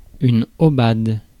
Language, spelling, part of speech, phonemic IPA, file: French, aubade, noun, /o.bad/, Fr-aubade.ogg
- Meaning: 1. aubade (song; poem) 2. aubade (love song)